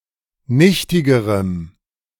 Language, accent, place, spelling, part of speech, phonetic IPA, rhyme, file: German, Germany, Berlin, nichtigerem, adjective, [ˈnɪçtɪɡəʁəm], -ɪçtɪɡəʁəm, De-nichtigerem.ogg
- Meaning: strong dative masculine/neuter singular comparative degree of nichtig